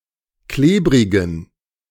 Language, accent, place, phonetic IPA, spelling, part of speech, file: German, Germany, Berlin, [ˈkleːbʁɪɡn̩], klebrigen, adjective, De-klebrigen.ogg
- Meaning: inflection of klebrig: 1. strong genitive masculine/neuter singular 2. weak/mixed genitive/dative all-gender singular 3. strong/weak/mixed accusative masculine singular 4. strong dative plural